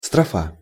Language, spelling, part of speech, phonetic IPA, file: Russian, строфа, noun, [strɐˈfa], Ru-строфа.ogg
- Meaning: 1. stanza (a unit of a poem) 2. strophe 3. verse